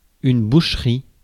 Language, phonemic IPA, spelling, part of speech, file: French, /buʃ.ʁi/, boucherie, noun, Fr-boucherie.ogg
- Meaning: 1. butchery, butchering (profession of the butcher) 2. butchershop 3. bloodbath, slaughter 4. social event at which people gather to slaughter a pig